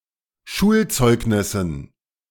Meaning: dative plural of Schulzeugnis
- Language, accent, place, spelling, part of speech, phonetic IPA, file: German, Germany, Berlin, Schulzeugnissen, noun, [ˈʃuːlˌt͡sɔɪ̯ɡnɪsn̩], De-Schulzeugnissen.ogg